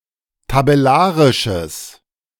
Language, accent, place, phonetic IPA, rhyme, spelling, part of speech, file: German, Germany, Berlin, [tabɛˈlaːʁɪʃəs], -aːʁɪʃəs, tabellarisches, adjective, De-tabellarisches.ogg
- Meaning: strong/mixed nominative/accusative neuter singular of tabellarisch